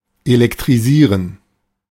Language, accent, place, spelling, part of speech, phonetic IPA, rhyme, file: German, Germany, Berlin, elektrisieren, verb, [elɛktʁiˈziːʁən], -iːʁən, De-elektrisieren.ogg
- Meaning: 1. electrify (supply electricity to) 2. electrify (excite suddenly)